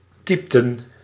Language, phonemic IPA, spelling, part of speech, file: Dutch, /ˈtɛɪ̯p.tə(n)/, typten, verb, Nl-typten.ogg
- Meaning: inflection of typen: 1. plural past indicative 2. plural past subjunctive